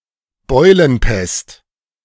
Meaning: bubonic plague
- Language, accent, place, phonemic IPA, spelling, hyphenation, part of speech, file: German, Germany, Berlin, /ˈbɔɪ̯lənˌpɛst/, Beulenpest, Beu‧len‧pest, noun, De-Beulenpest.ogg